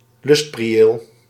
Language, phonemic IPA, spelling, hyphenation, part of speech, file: Dutch, /ˈlʏst.priˌeːl/, lustprieel, lust‧pri‧eel, noun, Nl-lustprieel.ogg
- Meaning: 1. a particularly luxurious prieel (i.e. an open, roofed gazebo) 2. any delightful place